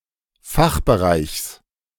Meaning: genitive singular of Fachbereich
- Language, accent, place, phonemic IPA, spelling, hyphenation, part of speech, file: German, Germany, Berlin, /ˈfaxbəˌʁaɪ̯çs/, Fachbereichs, Fach‧be‧reichs, noun, De-Fachbereichs.ogg